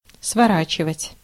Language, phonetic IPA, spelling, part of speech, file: Russian, [svɐˈrat͡ɕɪvətʲ], сворачивать, verb, Ru-сворачивать.ogg
- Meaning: 1. to roll up 2. to curtail, to reduce, to cut down 3. to wind up, to bring to a close 4. to turn, to make a turn 5. to displace, to remove